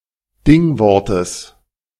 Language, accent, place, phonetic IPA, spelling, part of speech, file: German, Germany, Berlin, [ˈdɪŋˌvɔʁtəs], Dingwortes, noun, De-Dingwortes.ogg
- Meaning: genitive singular of Dingwort